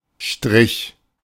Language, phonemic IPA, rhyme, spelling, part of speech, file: German, /ʃtʁɪç/, -ɪç, Strich, noun, De-Strich.oga
- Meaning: 1. stroke 2. line 3. the direction to which hairs, or similar things, are inclined 4. streetwalkers' district 5. prostitution (chiefly as a milieu) 6. prime (derivation symbol)